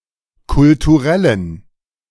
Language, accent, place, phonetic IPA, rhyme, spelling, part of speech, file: German, Germany, Berlin, [kʊltuˈʁɛlən], -ɛlən, kulturellen, adjective, De-kulturellen.ogg
- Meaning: inflection of kulturell: 1. strong genitive masculine/neuter singular 2. weak/mixed genitive/dative all-gender singular 3. strong/weak/mixed accusative masculine singular 4. strong dative plural